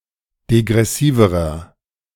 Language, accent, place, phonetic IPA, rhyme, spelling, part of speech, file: German, Germany, Berlin, [deɡʁɛˈsiːvəʁɐ], -iːvəʁɐ, degressiverer, adjective, De-degressiverer.ogg
- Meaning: inflection of degressiv: 1. strong/mixed nominative masculine singular comparative degree 2. strong genitive/dative feminine singular comparative degree 3. strong genitive plural comparative degree